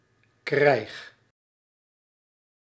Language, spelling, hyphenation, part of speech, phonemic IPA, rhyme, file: Dutch, krijg, krijg, noun / verb, /ˈkrɛi̯x/, -ɛi̯x, Nl-krijg.ogg
- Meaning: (noun) war; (verb) inflection of krijgen: 1. first-person singular present indicative 2. second-person singular present indicative 3. imperative